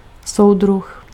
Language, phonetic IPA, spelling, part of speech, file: Czech, [ˈsou̯drux], soudruh, noun, Cs-soudruh.ogg
- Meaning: 1. comrade (title used by a soviet-style regime) 2. companion, friend